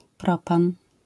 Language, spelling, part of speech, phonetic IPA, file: Polish, propan, noun, [ˈprɔpãn], LL-Q809 (pol)-propan.wav